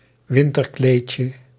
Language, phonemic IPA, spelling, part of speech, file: Dutch, /ˈwɪntərˌklecə/, winterkleedje, noun, Nl-winterkleedje.ogg
- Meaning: diminutive of winterkleed